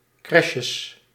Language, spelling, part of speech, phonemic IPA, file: Dutch, crèches, noun, /ˈkrɛʃəs/, Nl-crèches.ogg
- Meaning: plural of crèche